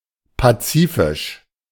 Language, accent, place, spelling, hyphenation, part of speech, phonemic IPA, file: German, Germany, Berlin, pazifisch, pa‧zi‧fisch, adjective, /paˈt͡siːfɪʃ/, De-pazifisch.ogg
- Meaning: 1. pacific 2. Pacific (pertaining to the Pacific Ocean)